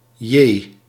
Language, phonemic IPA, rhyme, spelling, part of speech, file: Dutch, /jeː/, -eː, jee, interjection, Nl-jee.ogg
- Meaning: an expression of surprise: gosh, golly, gee